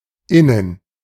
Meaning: 1. within 2. inside
- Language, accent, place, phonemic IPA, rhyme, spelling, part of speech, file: German, Germany, Berlin, /ˈɪnən/, -ɪnən, innen, adverb, De-innen.ogg